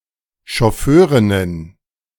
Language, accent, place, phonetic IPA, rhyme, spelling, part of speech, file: German, Germany, Berlin, [ʃɔˈføːʁɪnən], -øːʁɪnən, Schofförinnen, noun, De-Schofförinnen.ogg
- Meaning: nominative genitive dative accusative feminine plural of Schofförin